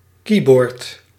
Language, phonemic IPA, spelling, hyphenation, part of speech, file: Dutch, /ˈki.bɔrt/, keyboard, key‧board, noun, Nl-keyboard.ogg
- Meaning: 1. keyboard (electrical keyboard instrument) 2. keyboard (input device for a computer)